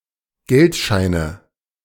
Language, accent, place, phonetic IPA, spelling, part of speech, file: German, Germany, Berlin, [ˈɡɛltˌʃaɪ̯nə], Geldscheine, noun, De-Geldscheine.ogg
- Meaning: nominative/accusative/genitive plural of Geldschein